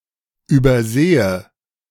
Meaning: inflection of übersehen: 1. first-person singular present 2. first/third-person singular subjunctive I
- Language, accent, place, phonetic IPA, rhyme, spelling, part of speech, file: German, Germany, Berlin, [yːbɐˈzeːə], -eːə, übersehe, verb, De-übersehe.ogg